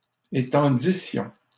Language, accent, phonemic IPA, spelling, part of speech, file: French, Canada, /e.tɑ̃.di.sjɔ̃/, étendissions, verb, LL-Q150 (fra)-étendissions.wav
- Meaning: first-person plural imperfect subjunctive of étendre